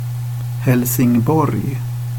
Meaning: Helsingborg, a city in southwestern Sweden, located in the province of Skåne. The eighth-largest city in Sweden
- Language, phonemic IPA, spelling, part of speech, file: Swedish, /hɛlsɪŋˈbɔrj/, Helsingborg, proper noun, Sv-Helsingborg.ogg